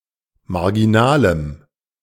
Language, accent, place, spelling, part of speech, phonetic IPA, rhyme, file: German, Germany, Berlin, marginalem, adjective, [maʁɡiˈnaːləm], -aːləm, De-marginalem.ogg
- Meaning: strong dative masculine/neuter singular of marginal